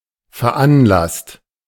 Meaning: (verb) past participle of veranlassen; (adjective) initiated, arranged; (verb) inflection of veranlassen: 1. second-person singular/plural present 2. third-person singular present 3. plural imperative
- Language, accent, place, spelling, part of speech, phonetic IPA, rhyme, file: German, Germany, Berlin, veranlasst, verb, [fɛɐ̯ˈʔanˌlast], -anlast, De-veranlasst.ogg